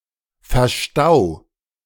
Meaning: 1. singular imperative of verstauen 2. first-person singular present of verstauen
- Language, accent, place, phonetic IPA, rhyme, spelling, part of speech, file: German, Germany, Berlin, [fɛɐ̯ˈʃtaʊ̯], -aʊ̯, verstau, verb, De-verstau.ogg